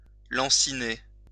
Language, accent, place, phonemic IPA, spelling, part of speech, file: French, France, Lyon, /lɑ̃.si.ne/, lanciner, verb, LL-Q150 (fra)-lanciner.wav
- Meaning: 1. to inflict a sharp pain 2. to torment, to trouble